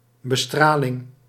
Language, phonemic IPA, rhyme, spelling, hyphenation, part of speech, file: Dutch, /bəˈstraː.lɪŋ/, -aːlɪŋ, bestraling, be‧stra‧ling, noun, Nl-bestraling.ogg
- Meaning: 1. irradiation 2. radiotherapy